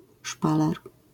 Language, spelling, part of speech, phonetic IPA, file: Polish, szpaler, noun, [ˈʃpalɛr], LL-Q809 (pol)-szpaler.wav